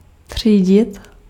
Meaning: to sort (to separate according to certain criteria)
- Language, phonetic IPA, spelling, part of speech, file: Czech, [ˈtr̝̊iːɟɪt], třídit, verb, Cs-třídit.ogg